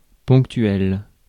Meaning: 1. punctual, on time 2. pointlike 3. infrequent, occasional
- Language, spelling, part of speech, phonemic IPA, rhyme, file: French, ponctuel, adjective, /pɔ̃k.tɥɛl/, -ɥɛl, Fr-ponctuel.ogg